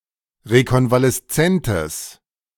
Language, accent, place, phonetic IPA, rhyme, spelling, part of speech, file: German, Germany, Berlin, [ʁekɔnvalɛsˈt͡sɛntəs], -ɛntəs, rekonvaleszentes, adjective, De-rekonvaleszentes.ogg
- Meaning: strong/mixed nominative/accusative neuter singular of rekonvaleszent